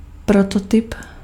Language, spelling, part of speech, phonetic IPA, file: Czech, prototyp, noun, [ˈprototɪp], Cs-prototyp.ogg
- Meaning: prototype